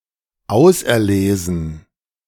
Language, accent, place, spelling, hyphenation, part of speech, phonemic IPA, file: German, Germany, Berlin, auserlesen, aus‧er‧le‧sen, verb / adjective, /ˈaʊ̯sɛɐ̯ˌleːzn̩/, De-auserlesen.ogg
- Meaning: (verb) 1. to select, choose 2. past participle of auserlesen; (adjective) select, exquisite, choice, particular